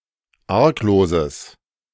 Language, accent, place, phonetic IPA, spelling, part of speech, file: German, Germany, Berlin, [ˈaʁkˌloːzəs], argloses, adjective, De-argloses.ogg
- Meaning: strong/mixed nominative/accusative neuter singular of arglos